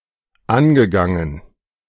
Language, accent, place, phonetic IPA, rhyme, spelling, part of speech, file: German, Germany, Berlin, [ˈanɡəˌɡaŋən], -anɡəɡaŋən, angegangen, verb, De-angegangen.ogg
- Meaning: past participle of angehen